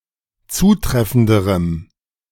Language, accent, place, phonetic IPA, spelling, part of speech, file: German, Germany, Berlin, [ˈt͡suːˌtʁɛfn̩dəʁəm], zutreffenderem, adjective, De-zutreffenderem.ogg
- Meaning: strong dative masculine/neuter singular comparative degree of zutreffend